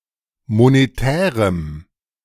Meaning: strong dative masculine/neuter singular of monetär
- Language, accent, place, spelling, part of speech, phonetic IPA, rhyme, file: German, Germany, Berlin, monetärem, adjective, [moneˈtɛːʁəm], -ɛːʁəm, De-monetärem.ogg